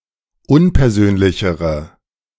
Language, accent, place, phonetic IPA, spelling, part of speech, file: German, Germany, Berlin, [ˈʊnpɛɐ̯ˌzøːnlɪçəʁə], unpersönlichere, adjective, De-unpersönlichere.ogg
- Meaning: inflection of unpersönlich: 1. strong/mixed nominative/accusative feminine singular comparative degree 2. strong nominative/accusative plural comparative degree